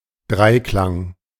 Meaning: A triad
- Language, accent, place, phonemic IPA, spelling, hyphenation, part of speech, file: German, Germany, Berlin, /ˈdʁaɪ̯ˌklaŋ/, Dreiklang, Drei‧klang, noun, De-Dreiklang.ogg